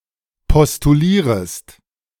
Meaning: second-person singular subjunctive I of postulieren
- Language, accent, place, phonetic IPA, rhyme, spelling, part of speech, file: German, Germany, Berlin, [pɔstuˈliːʁəst], -iːʁəst, postulierest, verb, De-postulierest.ogg